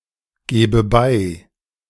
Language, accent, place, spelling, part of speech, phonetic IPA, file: German, Germany, Berlin, gebe bei, verb, [ˌɡeːbə ˈbaɪ̯], De-gebe bei.ogg
- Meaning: inflection of beigeben: 1. first-person singular present 2. first/third-person singular subjunctive I